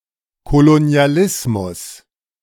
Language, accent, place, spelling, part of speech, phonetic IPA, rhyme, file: German, Germany, Berlin, Kolonialismus, noun, [koloni̯aˈlɪsmʊs], -ɪsmʊs, De-Kolonialismus.ogg
- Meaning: colonialism